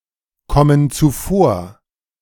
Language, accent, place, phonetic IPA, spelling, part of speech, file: German, Germany, Berlin, [ˌkɔmən t͡suˈfoːɐ̯], kommen zuvor, verb, De-kommen zuvor.ogg
- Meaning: inflection of zuvorkommen: 1. first/third-person plural present 2. first/third-person plural subjunctive I